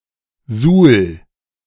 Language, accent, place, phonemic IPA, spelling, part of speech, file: German, Germany, Berlin, /zuːl/, Suhl, proper noun, De-Suhl.ogg
- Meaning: Suhl (an independent town in Thuringia, Germany)